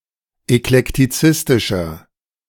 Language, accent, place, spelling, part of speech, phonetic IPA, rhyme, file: German, Germany, Berlin, eklektizistischer, adjective, [ɛklɛktiˈt͡sɪstɪʃɐ], -ɪstɪʃɐ, De-eklektizistischer.ogg
- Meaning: 1. comparative degree of eklektizistisch 2. inflection of eklektizistisch: strong/mixed nominative masculine singular 3. inflection of eklektizistisch: strong genitive/dative feminine singular